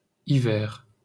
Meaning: winter
- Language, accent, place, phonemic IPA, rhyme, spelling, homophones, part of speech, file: French, France, Paris, /i.vɛʁ/, -ɛʁ, hiver, hivers, noun, LL-Q150 (fra)-hiver.wav